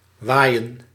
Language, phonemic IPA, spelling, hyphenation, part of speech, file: Dutch, /ˈʋaːi̯.ə(n)/, waaien, waai‧en, verb, Nl-waaien.ogg
- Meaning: 1. to blow 2. to be windy 3. to wave